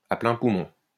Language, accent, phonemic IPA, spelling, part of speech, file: French, France, /a plɛ̃ pu.mɔ̃/, à pleins poumons, adverb, LL-Q150 (fra)-à pleins poumons.wav
- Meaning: 1. drawing in as much air as possible, so as to fill one's lungs 2. at the top of one's lungs, at the top of one's voice